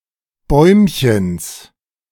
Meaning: genitive of Bäumchen
- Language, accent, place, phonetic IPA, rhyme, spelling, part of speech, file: German, Germany, Berlin, [ˈbɔɪ̯mçəns], -ɔɪ̯mçəns, Bäumchens, noun, De-Bäumchens.ogg